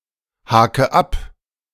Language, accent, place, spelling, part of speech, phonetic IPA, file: German, Germany, Berlin, hake ab, verb, [ˌhaːkə ˈap], De-hake ab.ogg
- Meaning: inflection of abhaken: 1. first-person singular present 2. first/third-person singular subjunctive I 3. singular imperative